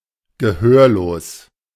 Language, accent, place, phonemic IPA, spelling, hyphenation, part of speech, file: German, Germany, Berlin, /ɡəˈhøːɐ̯loːs/, gehörlos, ge‧hör‧los, adjective, De-gehörlos.ogg
- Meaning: deaf (not hearing)